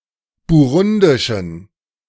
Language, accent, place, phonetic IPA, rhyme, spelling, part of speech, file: German, Germany, Berlin, [buˈʁʊndɪʃn̩], -ʊndɪʃn̩, burundischen, adjective, De-burundischen.ogg
- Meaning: inflection of burundisch: 1. strong genitive masculine/neuter singular 2. weak/mixed genitive/dative all-gender singular 3. strong/weak/mixed accusative masculine singular 4. strong dative plural